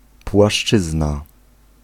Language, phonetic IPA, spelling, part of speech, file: Polish, [pwaˈʃt͡ʃɨzna], płaszczyzna, noun, Pl-płaszczyzna.ogg